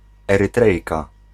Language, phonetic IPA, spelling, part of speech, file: Polish, [ˌɛrɨˈtrɛjka], Erytrejka, noun, Pl-Erytrejka.ogg